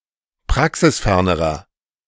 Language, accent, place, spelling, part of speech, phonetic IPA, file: German, Germany, Berlin, praxisfernerer, adjective, [ˈpʁaksɪsˌfɛʁnəʁɐ], De-praxisfernerer.ogg
- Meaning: inflection of praxisfern: 1. strong/mixed nominative masculine singular comparative degree 2. strong genitive/dative feminine singular comparative degree 3. strong genitive plural comparative degree